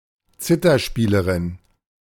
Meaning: zither player (female)
- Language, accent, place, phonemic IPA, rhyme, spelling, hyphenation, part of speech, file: German, Germany, Berlin, /ˈt͡sɪtɐˌʃpiːləʁɪn/, -iːləʁɪn, Zitherspielerin, Zi‧ther‧spie‧le‧rin, noun, De-Zitherspielerin.ogg